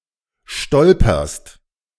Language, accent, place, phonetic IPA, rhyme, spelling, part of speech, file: German, Germany, Berlin, [ˈʃtɔlpɐst], -ɔlpɐst, stolperst, verb, De-stolperst.ogg
- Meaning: second-person singular present of stolpern